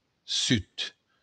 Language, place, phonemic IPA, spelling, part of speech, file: Occitan, Béarn, /ˈsyt/, sud, noun, LL-Q14185 (oci)-sud.wav
- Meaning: south